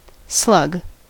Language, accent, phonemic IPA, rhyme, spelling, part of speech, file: English, US, /slʌɡ/, -ʌɡ, slug, noun / verb, En-us-slug.ogg
- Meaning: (noun) 1. Any of many gastropod mollusks, having no (or only a rudimentary) shell 2. A slow, lazy person; a sluggard